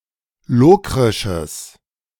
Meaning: strong/mixed nominative/accusative neuter singular of lokrisch
- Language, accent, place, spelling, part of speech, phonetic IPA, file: German, Germany, Berlin, lokrisches, adjective, [ˈloːkʁɪʃəs], De-lokrisches.ogg